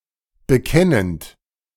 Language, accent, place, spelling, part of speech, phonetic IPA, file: German, Germany, Berlin, bekennend, verb, [bəˈkɛnənt], De-bekennend.ogg
- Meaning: present participle of bekennen